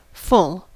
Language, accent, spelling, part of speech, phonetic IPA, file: English, US, full, adjective / adverb / noun / verb, [fʊɫ], En-us-full.ogg
- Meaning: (adjective) 1. Containing the maximum possible amount that can fit in the space available 2. Complete; with nothing omitted 3. Complete; with nothing omitted.: Surjective as a map of morphisms